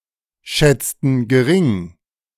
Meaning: inflection of geringschätzen: 1. first/third-person plural preterite 2. first/third-person plural subjunctive II
- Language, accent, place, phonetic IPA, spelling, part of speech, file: German, Germany, Berlin, [ˌʃɛt͡stn̩ ɡəˈʁɪŋ], schätzten gering, verb, De-schätzten gering.ogg